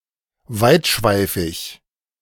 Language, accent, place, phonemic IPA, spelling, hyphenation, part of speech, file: German, Germany, Berlin, /ˈvaɪ̯tˌʃvaɪ̯fɪç/, weitschweifig, weit‧schwei‧fig, adjective, De-weitschweifig.ogg
- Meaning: verbose, wordy, prolix